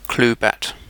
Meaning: A bat (club) with which someone clueless is struck (figuratively or in one's imagination)
- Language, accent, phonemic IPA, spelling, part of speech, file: English, UK, /ˈkluːˌbæt/, cluebat, noun, En-uk-cluebat.ogg